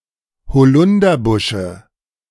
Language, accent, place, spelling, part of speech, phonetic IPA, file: German, Germany, Berlin, Holunderbusche, noun, [hoˈlʊndɐˌbʊʃə], De-Holunderbusche.ogg
- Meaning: dative singular of Holunderbusch